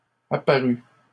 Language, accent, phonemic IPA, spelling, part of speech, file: French, Canada, /a.pa.ʁy/, apparus, verb, LL-Q150 (fra)-apparus.wav
- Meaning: 1. first/second-person singular past historic of apparaître 2. masculine plural of apparu